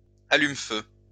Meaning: firelighter (small block of flammable substance, typically sawdust and wax combined, used to light fires)
- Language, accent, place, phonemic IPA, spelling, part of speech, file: French, France, Lyon, /a.lym.fø/, allume-feu, noun, LL-Q150 (fra)-allume-feu.wav